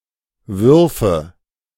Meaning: nominative/accusative/genitive plural of Wurf
- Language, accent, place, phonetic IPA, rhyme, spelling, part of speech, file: German, Germany, Berlin, [ˈvʏʁfə], -ʏʁfə, Würfe, noun, De-Würfe.ogg